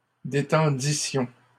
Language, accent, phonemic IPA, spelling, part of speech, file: French, Canada, /de.tɑ̃.di.sjɔ̃/, détendissions, verb, LL-Q150 (fra)-détendissions.wav
- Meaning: first-person plural imperfect subjunctive of détendre